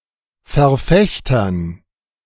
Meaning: dative plural of Verfechter
- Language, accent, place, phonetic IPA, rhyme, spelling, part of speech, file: German, Germany, Berlin, [fɛɐ̯ˈfɛçtɐn], -ɛçtɐn, Verfechtern, noun, De-Verfechtern.ogg